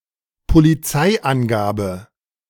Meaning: details (of an incident) released by the police
- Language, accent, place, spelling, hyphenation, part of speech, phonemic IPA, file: German, Germany, Berlin, Polizeiangabe, Po‧li‧zei‧an‧ga‧be, noun, /poliˈt͡saɪ̯ʔanˌɡaːbə/, De-Polizeiangabe.ogg